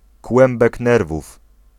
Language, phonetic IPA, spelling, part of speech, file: Polish, [ˈkwɛ̃mbɛk ˈnɛrvuf], kłębek nerwów, noun, Pl-kłębek nerwów.ogg